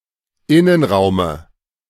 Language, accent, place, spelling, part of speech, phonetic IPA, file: German, Germany, Berlin, Innenraume, noun, [ˈɪnənˌʁaʊ̯mə], De-Innenraume.ogg
- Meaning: dative singular of Innenraum